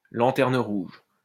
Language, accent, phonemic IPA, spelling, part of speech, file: French, France, /lɑ̃.tɛʁ.n(ə) ʁuʒ/, lanterne rouge, noun, LL-Q150 (fra)-lanterne rouge.wav
- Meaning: 1. red lantern 2. red lantern at the rear of a train 3. Lanterne rouge, the competitor in last place in a competition; the person or entity at the bottom of a ranking